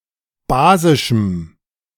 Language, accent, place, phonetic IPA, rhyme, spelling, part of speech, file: German, Germany, Berlin, [ˈbaːzɪʃm̩], -aːzɪʃm̩, basischem, adjective, De-basischem.ogg
- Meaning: strong dative masculine/neuter singular of basisch